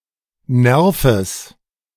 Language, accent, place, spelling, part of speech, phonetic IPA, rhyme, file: German, Germany, Berlin, Nerves, noun, [ˈnɛʁfəs], -ɛʁfəs, De-Nerves.ogg
- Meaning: genitive singular of Nerv